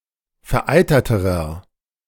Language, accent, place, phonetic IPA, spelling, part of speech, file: German, Germany, Berlin, [fɛɐ̯ˈʔaɪ̯tɐtəʁɐ], vereiterterer, adjective, De-vereiterterer.ogg
- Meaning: inflection of vereitert: 1. strong/mixed nominative masculine singular comparative degree 2. strong genitive/dative feminine singular comparative degree 3. strong genitive plural comparative degree